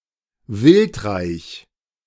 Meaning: game-rich
- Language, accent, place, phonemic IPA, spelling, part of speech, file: German, Germany, Berlin, /ˈvɪltˌʁaɪ̯ç/, wildreich, adjective, De-wildreich.ogg